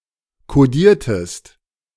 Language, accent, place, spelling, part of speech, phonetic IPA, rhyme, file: German, Germany, Berlin, kodiertest, verb, [koˈdiːɐ̯təst], -iːɐ̯təst, De-kodiertest.ogg
- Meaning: inflection of kodieren: 1. second-person singular preterite 2. second-person singular subjunctive II